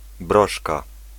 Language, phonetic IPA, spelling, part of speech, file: Polish, [ˈbrɔʃka], broszka, noun, Pl-broszka.ogg